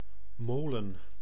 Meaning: mill
- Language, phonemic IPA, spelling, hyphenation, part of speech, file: Dutch, /ˈmoː.lə(n)/, molen, mo‧len, noun, Nl-molen.ogg